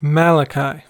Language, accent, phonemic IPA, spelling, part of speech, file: English, US, /ˈmæləkaɪ/, Malachi, proper noun, En-us-Malachi.ogg
- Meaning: 1. A book of the Old Testament of Bible, and of the Tanakh 2. A minor prophet 3. A male given name from Hebrew 4. Alternative spelling of Malachy